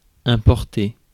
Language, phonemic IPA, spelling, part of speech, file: French, /ɛ̃.pɔʁ.te/, importer, verb, Fr-importer.ogg
- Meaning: 1. to import 2. to matter, to be relevant, to be important